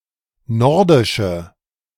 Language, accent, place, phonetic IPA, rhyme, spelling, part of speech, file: German, Germany, Berlin, [ˈnɔʁdɪʃə], -ɔʁdɪʃə, nordische, adjective, De-nordische.ogg
- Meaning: inflection of nordisch: 1. strong/mixed nominative/accusative feminine singular 2. strong nominative/accusative plural 3. weak nominative all-gender singular